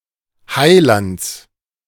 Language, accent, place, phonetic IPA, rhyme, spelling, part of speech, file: German, Germany, Berlin, [ˈhaɪ̯ˌlant͡s], -aɪ̯lant͡s, Heilands, noun, De-Heilands.ogg
- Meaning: genitive singular of Heiland